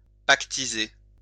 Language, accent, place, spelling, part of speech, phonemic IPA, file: French, France, Lyon, pactiser, verb, /pak.ti.ze/, LL-Q150 (fra)-pactiser.wav
- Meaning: to make a pact, to make a deal